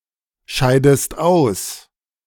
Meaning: inflection of ausscheiden: 1. second-person singular present 2. second-person singular subjunctive I
- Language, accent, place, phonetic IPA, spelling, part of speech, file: German, Germany, Berlin, [ˌʃaɪ̯dəst ˈaʊ̯s], scheidest aus, verb, De-scheidest aus.ogg